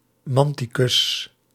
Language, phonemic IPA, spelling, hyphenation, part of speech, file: Dutch, /ˈmɑn.tiˌkʏs/, manticus, man‧ti‧cus, noun, Nl-manticus.ogg
- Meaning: mantic